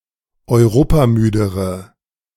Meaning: inflection of europamüde: 1. strong/mixed nominative/accusative feminine singular comparative degree 2. strong nominative/accusative plural comparative degree
- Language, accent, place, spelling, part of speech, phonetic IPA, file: German, Germany, Berlin, europamüdere, adjective, [ɔɪ̯ˈʁoːpaˌmyːdəʁə], De-europamüdere.ogg